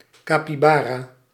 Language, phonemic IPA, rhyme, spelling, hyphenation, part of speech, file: Dutch, /ˌkaː.piˈbaː.raː/, -aːraː, capibara, ca‧pi‧ba‧ra, noun, Nl-capibara.ogg
- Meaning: capybara (Hydrochoerus hydrochaeris)